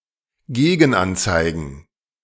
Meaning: plural of Gegenanzeige
- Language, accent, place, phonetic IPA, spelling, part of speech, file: German, Germany, Berlin, [ˈɡeːɡn̩ˌʔant͡saɪ̯ɡn̩], Gegenanzeigen, noun, De-Gegenanzeigen.ogg